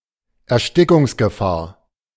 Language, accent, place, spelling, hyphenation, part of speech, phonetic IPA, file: German, Germany, Berlin, Erstickungsgefahr, Er‧sti‧ckungs‧ge‧fahr, noun, [ɛɐ̯ˈʃtɪkʊŋsɡəˌfaːɐ̯], De-Erstickungsgefahr.ogg
- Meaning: risk of suffocation, danger of suffocation, risk of asphyxiation, danger of asphyxiation, suffocation hazard, asphyxiation hazard